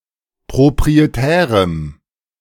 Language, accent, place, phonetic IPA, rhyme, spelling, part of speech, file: German, Germany, Berlin, [pʁopʁieˈtɛːʁəm], -ɛːʁəm, proprietärem, adjective, De-proprietärem.ogg
- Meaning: strong dative masculine/neuter singular of proprietär